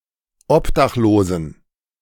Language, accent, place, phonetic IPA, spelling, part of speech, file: German, Germany, Berlin, [ˈɔpdaxˌloːzn̩], Obdachlosen, noun, De-Obdachlosen.ogg
- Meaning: inflection of Obdachloser: 1. strong genitive/accusative singular 2. strong dative plural 3. weak/mixed genitive/dative/accusative singular 4. weak/mixed all-case plural